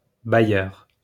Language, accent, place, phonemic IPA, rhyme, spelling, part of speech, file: French, France, Lyon, /ba.jœʁ/, -jœʁ, bailleur, noun, LL-Q150 (fra)-bailleur.wav
- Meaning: 1. a landowner who let uncultivated parcels of land to a lessee in a crop-sharing system in early Middle Ages 2. a lessor in general